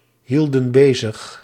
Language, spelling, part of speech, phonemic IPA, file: Dutch, hielden bezig, verb, /ˈhildə(n) ˈbezəx/, Nl-hielden bezig.ogg
- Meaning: inflection of bezighouden: 1. plural past indicative 2. plural past subjunctive